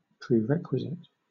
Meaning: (adjective) Required as a prior condition of something else; necessary or indispensable; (noun) Something that is required as necessary or indispensable, or as a prior condition of something else
- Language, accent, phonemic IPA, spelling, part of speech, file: English, Southern England, /pɹiːˈɹɛkwɪzɪt/, prerequisite, adjective / noun, LL-Q1860 (eng)-prerequisite.wav